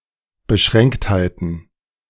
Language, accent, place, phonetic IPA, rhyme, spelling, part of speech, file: German, Germany, Berlin, [bəˈʃʁɛŋkthaɪ̯tn̩], -ɛŋkthaɪ̯tn̩, Beschränktheiten, noun, De-Beschränktheiten.ogg
- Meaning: plural of Beschränktheit